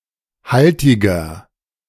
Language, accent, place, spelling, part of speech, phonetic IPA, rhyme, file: German, Germany, Berlin, haltiger, adjective, [ˈhaltɪɡɐ], -altɪɡɐ, De-haltiger.ogg
- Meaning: inflection of haltig: 1. strong/mixed nominative masculine singular 2. strong genitive/dative feminine singular 3. strong genitive plural